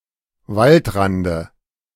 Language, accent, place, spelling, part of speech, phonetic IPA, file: German, Germany, Berlin, Waldrande, noun, [ˈvaltˌʁandə], De-Waldrande.ogg
- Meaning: dative of Waldrand